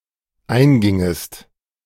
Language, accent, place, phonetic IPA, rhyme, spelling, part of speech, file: German, Germany, Berlin, [ˈaɪ̯nˌɡɪŋəst], -aɪ̯nɡɪŋəst, eingingest, verb, De-eingingest.ogg
- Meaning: second-person singular dependent subjunctive II of eingehen